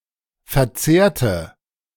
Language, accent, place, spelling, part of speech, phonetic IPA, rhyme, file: German, Germany, Berlin, verzehrte, adjective / verb, [fɛɐ̯ˈt͡seːɐ̯tə], -eːɐ̯tə, De-verzehrte.ogg
- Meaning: inflection of verzehrt: 1. strong/mixed nominative/accusative feminine singular 2. strong nominative/accusative plural 3. weak nominative all-gender singular